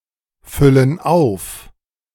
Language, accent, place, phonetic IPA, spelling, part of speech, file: German, Germany, Berlin, [ˌfʏlən ˈaʊ̯f], füllen auf, verb, De-füllen auf.ogg
- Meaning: inflection of auffüllen: 1. first/third-person plural present 2. first/third-person plural subjunctive I